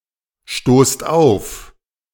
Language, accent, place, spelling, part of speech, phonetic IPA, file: German, Germany, Berlin, stoßt auf, verb, [ˌʃtoːst ˈaʊ̯f], De-stoßt auf.ogg
- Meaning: inflection of aufstoßen: 1. second-person plural present 2. plural imperative